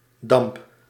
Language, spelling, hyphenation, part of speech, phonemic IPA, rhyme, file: Dutch, damp, damp, noun / verb, /dɑmp/, -ɑmp, Nl-damp.ogg
- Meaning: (noun) vapour (UK), vapor (US); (verb) inflection of dampen: 1. first-person singular present indicative 2. second-person singular present indicative 3. imperative